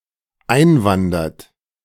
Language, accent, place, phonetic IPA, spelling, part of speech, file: German, Germany, Berlin, [ˈaɪ̯nˌvandɐt], einwandert, verb, De-einwandert.ogg
- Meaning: inflection of einwandern: 1. third-person singular dependent present 2. second-person plural dependent present